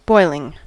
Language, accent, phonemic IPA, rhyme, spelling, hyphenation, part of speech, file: English, General American, /ˈbɔɪlɪŋ/, -ɔɪlɪŋ, boiling, boil‧ing, verb / noun / adjective / adverb, En-us-boiling.ogg
- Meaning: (verb) present participle and gerund of boil; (noun) The process of changing the state of a substance from liquid to gas by heating it to its boiling point